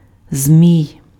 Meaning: 1. synonym of змія́ f (zmijá, “snake, serpent”) 2. dragon 3. serpent 4. kite (lightweight airborne toy) 5. insidious person 6. genitive/accusative singular of змія́ (zmijá)
- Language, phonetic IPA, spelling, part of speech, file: Ukrainian, [zʲmʲii̯], змій, noun, Uk-змій.ogg